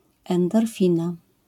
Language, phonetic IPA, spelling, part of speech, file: Polish, [ˌɛ̃ndɔrˈfʲĩna], endorfina, noun, LL-Q809 (pol)-endorfina.wav